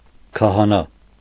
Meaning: priest, religious minister
- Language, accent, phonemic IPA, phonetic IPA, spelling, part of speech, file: Armenian, Eastern Armenian, /kʰɑhɑˈnɑ/, [kʰɑhɑnɑ́], քահանա, noun, Hy-քահանա.ogg